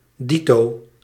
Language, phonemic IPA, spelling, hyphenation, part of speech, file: Dutch, /ˈdi.toː/, dito, di‧to, adjective / noun / adverb, Nl-dito.ogg
- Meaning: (adjective) 1. aforesaid, named 2. identical; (noun) 1. indicating the same month as above 2. ditto, the aforesaid day or date; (adverb) ditto, aforesaid, such